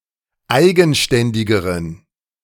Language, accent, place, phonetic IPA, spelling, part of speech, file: German, Germany, Berlin, [ˈaɪ̯ɡn̩ˌʃtɛndɪɡəʁən], eigenständigeren, adjective, De-eigenständigeren.ogg
- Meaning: inflection of eigenständig: 1. strong genitive masculine/neuter singular comparative degree 2. weak/mixed genitive/dative all-gender singular comparative degree